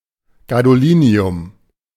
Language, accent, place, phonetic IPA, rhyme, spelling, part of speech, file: German, Germany, Berlin, [ɡadoˈliːni̯ʊm], -iːni̯ʊm, Gadolinium, noun, De-Gadolinium.ogg
- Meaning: gadolinium